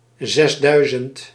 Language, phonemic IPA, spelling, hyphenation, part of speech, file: Dutch, /ˈzɛsˌdœy̯.zənt/, zesduizend, zes‧dui‧zend, numeral, Nl-zesduizend.ogg
- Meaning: six thousand